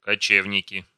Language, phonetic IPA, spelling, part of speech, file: Russian, [kɐˈt͡ɕevnʲɪkʲɪ], кочевники, noun, Ru-кочевники.ogg
- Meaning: nominative plural of коче́вник (kočévnik)